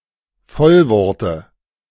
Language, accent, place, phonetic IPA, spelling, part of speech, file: German, Germany, Berlin, [ˈfɔlvɔʁtə], Vollworte, noun, De-Vollworte.ogg
- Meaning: dative singular of Vollwort